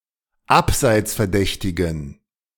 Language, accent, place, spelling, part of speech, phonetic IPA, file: German, Germany, Berlin, abseitsverdächtigen, adjective, [ˈapzaɪ̯t͡sfɛɐ̯ˌdɛçtɪɡn̩], De-abseitsverdächtigen.ogg
- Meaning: inflection of abseitsverdächtig: 1. strong genitive masculine/neuter singular 2. weak/mixed genitive/dative all-gender singular 3. strong/weak/mixed accusative masculine singular